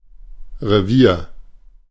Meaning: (noun) defined area of land, principally used for hunting or foraging: 1. grounds; hunting ground; chase 2. territory (area that an animal defends against intruders)
- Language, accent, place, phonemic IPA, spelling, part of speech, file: German, Germany, Berlin, /reˈviːr/, Revier, noun / proper noun, De-Revier.ogg